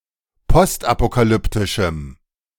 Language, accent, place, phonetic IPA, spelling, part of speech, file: German, Germany, Berlin, [ˈpɔstʔapokaˌlʏptɪʃm̩], postapokalyptischem, adjective, De-postapokalyptischem.ogg
- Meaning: strong dative masculine/neuter singular of postapokalyptisch